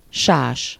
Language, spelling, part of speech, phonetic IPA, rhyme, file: Hungarian, sás, noun, [ˈʃaːʃ], -aːʃ, Hu-sás.ogg
- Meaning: sedge